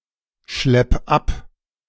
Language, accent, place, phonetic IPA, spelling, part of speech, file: German, Germany, Berlin, [ˌʃlɛp ˈap], schlepp ab, verb, De-schlepp ab.ogg
- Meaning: 1. singular imperative of abschleppen 2. first-person singular present of abschleppen